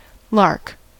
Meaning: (noun) 1. Any of various small, singing passerine birds of the family Alaudidae 2. Any of various similar-appearing birds, but usually ground-living, such as the meadowlark and titlark
- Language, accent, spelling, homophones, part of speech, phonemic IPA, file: English, US, lark, lock, noun / verb, /lɑɹk/, En-us-lark.ogg